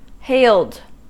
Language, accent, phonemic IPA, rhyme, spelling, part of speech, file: English, US, /heɪld/, -eɪld, hailed, verb, En-us-hailed.ogg
- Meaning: simple past and past participle of hail